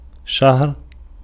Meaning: 1. month (unit of time) 2. new moon (beginning of the lunar month)
- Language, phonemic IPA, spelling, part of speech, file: Arabic, /ʃahr/, شهر, noun, Ar-شهر.ogg